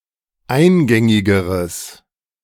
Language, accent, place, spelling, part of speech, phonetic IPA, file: German, Germany, Berlin, eingängigeres, adjective, [ˈaɪ̯nˌɡɛŋɪɡəʁəs], De-eingängigeres.ogg
- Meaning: strong/mixed nominative/accusative neuter singular comparative degree of eingängig